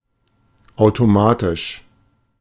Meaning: automatic
- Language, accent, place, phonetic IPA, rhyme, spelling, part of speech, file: German, Germany, Berlin, [ˌaʊ̯toˈmaːtɪʃ], -aːtɪʃ, automatisch, adjective, De-automatisch.ogg